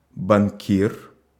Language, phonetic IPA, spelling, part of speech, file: Russian, [bɐnˈkʲir], банкир, noun, Ru-банкир.ogg
- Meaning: banker